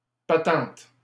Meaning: patent
- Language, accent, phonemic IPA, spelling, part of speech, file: French, Canada, /pa.tɑ̃t/, patente, noun, LL-Q150 (fra)-patente.wav